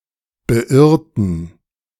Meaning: inflection of beirren: 1. first/third-person plural preterite 2. first/third-person plural subjunctive II
- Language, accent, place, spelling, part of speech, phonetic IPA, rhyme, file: German, Germany, Berlin, beirrten, adjective / verb, [bəˈʔɪʁtn̩], -ɪʁtn̩, De-beirrten.ogg